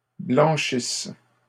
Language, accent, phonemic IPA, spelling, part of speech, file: French, Canada, /blɑ̃.ʃis/, blanchisse, verb, LL-Q150 (fra)-blanchisse.wav
- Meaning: inflection of blanchir: 1. first/third-person singular present subjunctive 2. first-person singular imperfect subjunctive